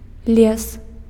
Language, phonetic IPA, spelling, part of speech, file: Belarusian, [lʲes], лес, noun, Be-лес.ogg
- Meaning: forest, woods